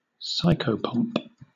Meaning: A spirit, deity, person, etc., who guides the souls of the dead to the afterlife
- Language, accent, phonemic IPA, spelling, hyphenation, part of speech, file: English, Southern England, /ˈsaɪkəʊpɒmp/, psychopomp, psy‧cho‧pomp, noun, LL-Q1860 (eng)-psychopomp.wav